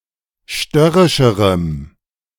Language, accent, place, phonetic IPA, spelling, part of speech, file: German, Germany, Berlin, [ˈʃtœʁɪʃəʁəm], störrischerem, adjective, De-störrischerem.ogg
- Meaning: strong dative masculine/neuter singular comparative degree of störrisch